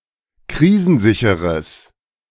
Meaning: strong/mixed nominative/accusative neuter singular of krisensicher
- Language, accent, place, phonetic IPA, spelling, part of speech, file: German, Germany, Berlin, [ˈkʁiːzn̩ˌzɪçəʁəs], krisensicheres, adjective, De-krisensicheres.ogg